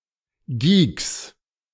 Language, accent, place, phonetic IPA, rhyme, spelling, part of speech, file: German, Germany, Berlin, [ɡiːks], -iːks, Geeks, noun, De-Geeks.ogg
- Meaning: 1. genitive singular of Geek 2. plural of Geek